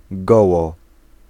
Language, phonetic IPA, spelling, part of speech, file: Polish, [ˈɡɔwɔ], goło, adverb, Pl-goło.ogg